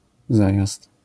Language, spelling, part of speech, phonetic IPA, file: Polish, zajazd, noun, [ˈzajast], LL-Q809 (pol)-zajazd.wav